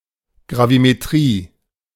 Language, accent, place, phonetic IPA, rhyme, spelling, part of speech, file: German, Germany, Berlin, [ɡʁavimeˈtʁiː], -iː, Gravimetrie, noun, De-Gravimetrie.ogg
- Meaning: gravimetry (gravimetric analysis)